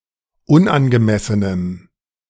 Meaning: strong dative masculine/neuter singular of unangemessen
- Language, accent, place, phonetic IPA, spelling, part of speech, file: German, Germany, Berlin, [ˈʊnʔanɡəˌmɛsənəm], unangemessenem, adjective, De-unangemessenem.ogg